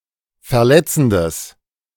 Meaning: strong/mixed nominative/accusative neuter singular of verletzend
- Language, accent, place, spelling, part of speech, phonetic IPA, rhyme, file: German, Germany, Berlin, verletzendes, adjective, [fɛɐ̯ˈlɛt͡sn̩dəs], -ɛt͡sn̩dəs, De-verletzendes.ogg